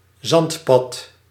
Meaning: sandy dirt track (unpaved path or narrow road with a sand cover)
- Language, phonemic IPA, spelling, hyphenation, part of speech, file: Dutch, /ˈzɑnt.pɑt/, zandpad, zand‧pad, noun, Nl-zandpad.ogg